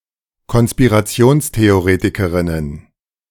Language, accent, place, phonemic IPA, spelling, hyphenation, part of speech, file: German, Germany, Berlin, /kɔn.spi.ʁaˈt͡si̯oːns.te.oˌʁeː.ti.kə.ʁɪn.ən/, Konspirationstheoretikerinnen, Kon‧spi‧ra‧ti‧ons‧the‧o‧re‧ti‧ke‧rin‧nen, noun, De-Konspirationstheoretikerinnen.ogg
- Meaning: plural of Konspirationstheoretikerin